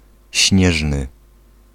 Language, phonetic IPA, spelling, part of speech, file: Polish, [ˈɕɲɛʒnɨ], śnieżny, adjective, Pl-śnieżny.ogg